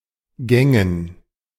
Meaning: dative plural of Gang
- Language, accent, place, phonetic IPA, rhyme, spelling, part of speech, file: German, Germany, Berlin, [ˈɡɛŋən], -ɛŋən, Gängen, noun, De-Gängen.ogg